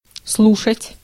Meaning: 1. to listen, to listen to (someone/something) 2. to attend 3. to auscultate
- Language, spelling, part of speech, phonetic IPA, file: Russian, слушать, verb, [ˈsɫuʂətʲ], Ru-слушать.ogg